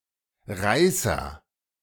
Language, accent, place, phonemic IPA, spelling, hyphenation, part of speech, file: German, Germany, Berlin, /ˈʁaɪ̯sɐ/, Reißer, Rei‧ßer, noun, De-Reißer.ogg
- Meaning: thriller, blockbuster, pot boiler (successful book or film, often said of the ones produced only for profit)